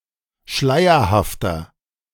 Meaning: 1. comparative degree of schleierhaft 2. inflection of schleierhaft: strong/mixed nominative masculine singular 3. inflection of schleierhaft: strong genitive/dative feminine singular
- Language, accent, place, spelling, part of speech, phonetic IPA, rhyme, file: German, Germany, Berlin, schleierhafter, adjective, [ˈʃlaɪ̯ɐhaftɐ], -aɪ̯ɐhaftɐ, De-schleierhafter.ogg